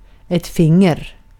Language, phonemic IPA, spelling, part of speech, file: Swedish, /ˈfɪŋːɛr/, finger, noun, Sv-finger.ogg
- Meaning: finger